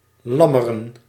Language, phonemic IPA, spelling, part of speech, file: Dutch, /ˈlɑmərə(n)/, lammeren, verb / noun, Nl-lammeren.ogg
- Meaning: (verb) to give birth to lambs; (noun) plural of lam